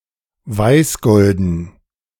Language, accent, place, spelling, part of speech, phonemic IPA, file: German, Germany, Berlin, weißgolden, adjective, /ˈvaɪ̯sˌɡɔldən/, De-weißgolden.ogg
- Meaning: whitish and golden